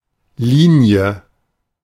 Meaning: 1. line 2. file 3. equator (nautical)
- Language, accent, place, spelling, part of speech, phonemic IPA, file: German, Germany, Berlin, Linie, noun, /ˈliːni̯ə/, De-Linie.ogg